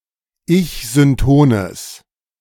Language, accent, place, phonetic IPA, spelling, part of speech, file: German, Germany, Berlin, [ˈɪçzʏnˌtoːnəs], ich-syntones, adjective, De-ich-syntones.ogg
- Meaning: strong/mixed nominative/accusative neuter singular of ich-synton